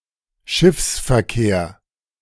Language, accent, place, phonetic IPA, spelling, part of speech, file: German, Germany, Berlin, [ˈʃɪfsfɛɐ̯ˌkeːɐ̯], Schiffsverkehr, noun, De-Schiffsverkehr.ogg
- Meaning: shipping, shipping traffic